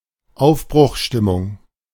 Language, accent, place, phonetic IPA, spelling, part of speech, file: German, Germany, Berlin, [ˈaʊ̯fbʁʊxˌʃtɪmʊŋ], Aufbruchstimmung, noun, De-Aufbruchstimmung.ogg
- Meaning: atmosphere of departure or change, optimistic mood